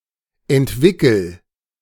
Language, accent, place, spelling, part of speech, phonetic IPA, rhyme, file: German, Germany, Berlin, entwickel, verb, [ɛntˈvɪkl̩], -ɪkl̩, De-entwickel.ogg
- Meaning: inflection of entwickeln: 1. first-person singular present 2. singular imperative